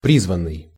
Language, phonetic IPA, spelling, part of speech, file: Russian, [ˈprʲizvən(ː)ɨj], призванный, verb / adjective / noun, Ru-призванный.ogg
- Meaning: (verb) past passive perfective participle of призва́ть (prizvátʹ); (adjective) 1. summoned 2. urged to, obliged to (+ abstract infinitive); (noun) conscript